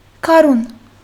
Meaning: spring
- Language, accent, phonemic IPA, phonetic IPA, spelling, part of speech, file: Armenian, Western Armenian, /kɑˈɾun/, [kʰɑɾún], գարուն, noun, HyW-գարուն.ogg